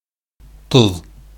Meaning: salt
- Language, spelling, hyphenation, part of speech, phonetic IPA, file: Bashkir, тоҙ, тоҙ, noun, [tʊ̞ð], Ba-тоҙ.ogg